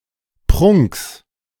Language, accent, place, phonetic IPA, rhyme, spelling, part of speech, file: German, Germany, Berlin, [pʁʊŋks], -ʊŋks, Prunks, noun, De-Prunks.ogg
- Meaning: genitive of Prunk